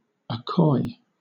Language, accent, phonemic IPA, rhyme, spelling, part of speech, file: English, Southern England, /əˈkɔɪ/, -ɔɪ, accoy, verb, LL-Q1860 (eng)-accoy.wav
- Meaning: To soothe, to calm; to assuage, to subdue